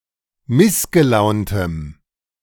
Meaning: strong dative masculine/neuter singular of missgelaunt
- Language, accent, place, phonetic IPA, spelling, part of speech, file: German, Germany, Berlin, [ˈmɪsɡəˌlaʊ̯ntəm], missgelauntem, adjective, De-missgelauntem.ogg